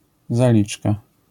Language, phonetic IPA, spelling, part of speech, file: Polish, [zaˈlʲit͡ʃka], zaliczka, noun, LL-Q809 (pol)-zaliczka.wav